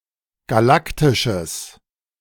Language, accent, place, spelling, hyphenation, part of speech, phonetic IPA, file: German, Germany, Berlin, galaktisches, ga‧lak‧ti‧sches, adjective, [ɡaˈlaktɪʃəs], De-galaktisches.ogg
- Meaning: strong/mixed nominative/accusative neuter singular of galaktisch